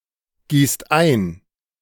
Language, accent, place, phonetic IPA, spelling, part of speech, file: German, Germany, Berlin, [ˌɡiːst ˈaɪ̯n], gießt ein, verb, De-gießt ein.ogg
- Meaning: inflection of eingießen: 1. second-person plural present 2. plural imperative